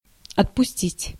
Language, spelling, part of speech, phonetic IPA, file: Russian, отпустить, verb, [ɐtpʊˈsʲtʲitʲ], Ru-отпустить.ogg
- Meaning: 1. to let go, to let off 2. to release, to set free 3. to dismiss, to give leave 4. to supply, to serve, to issue, to give out, to sell 5. to allot, to assign, to allow, to provide